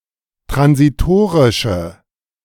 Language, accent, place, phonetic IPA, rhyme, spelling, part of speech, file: German, Germany, Berlin, [tʁansiˈtoːʁɪʃə], -oːʁɪʃə, transitorische, adjective, De-transitorische.ogg
- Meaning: inflection of transitorisch: 1. strong/mixed nominative/accusative feminine singular 2. strong nominative/accusative plural 3. weak nominative all-gender singular